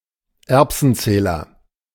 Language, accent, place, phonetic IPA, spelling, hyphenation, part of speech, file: German, Germany, Berlin, [ˈɛʁpsn̩ˌt͡sɛːlɐ], Erbsenzähler, Erb‧sen‧zäh‧ler, noun, De-Erbsenzähler.ogg
- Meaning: pedantic, petty, stingy person; pedant, bean counter, nitpicker, straw-splitter, pettifogger, miser